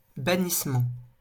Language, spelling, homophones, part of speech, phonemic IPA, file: French, bannissement, bannissements, noun, /ba.nis.mɑ̃/, LL-Q150 (fra)-bannissement.wav
- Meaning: banishment